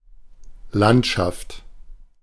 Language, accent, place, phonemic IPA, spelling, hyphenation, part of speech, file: German, Germany, Berlin, /ˈlantʃaft/, Landschaft, Land‧schaft, noun, De-Landschaft.ogg
- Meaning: landscape: 1. land as defined by its geographical (and architectural) features 2. scenery, land as viewed from a given vantage point 3. a picture, especially a painting, of such a view